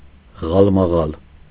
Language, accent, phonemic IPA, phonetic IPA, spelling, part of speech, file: Armenian, Eastern Armenian, /ʁɑlmɑˈʁɑl/, [ʁɑlmɑʁɑ́l], ղալմաղալ, noun, Hy-ղալմաղալ.ogg
- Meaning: noise, confusion, tumult, uproar